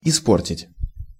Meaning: 1. to spoil, to ruin, to mar, to damage 2. to corrupt, to spoil, to deflorate (virgins)
- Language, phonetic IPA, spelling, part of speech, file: Russian, [ɪˈsportʲɪtʲ], испортить, verb, Ru-испортить.ogg